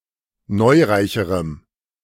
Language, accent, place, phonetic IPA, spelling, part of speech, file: German, Germany, Berlin, [ˈnɔɪ̯ˌʁaɪ̯çəʁəm], neureicherem, adjective, De-neureicherem.ogg
- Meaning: strong dative masculine/neuter singular comparative degree of neureich